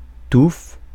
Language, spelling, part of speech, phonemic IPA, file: French, touffe, noun / verb, /tuf/, Fr-touffe.ogg
- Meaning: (noun) 1. tuft, clump, bunch of feathers, grass or hair, etc., held together at the base 2. female mons pubis; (verb) inflection of touffer: first/third-person singular present indicative/subjunctive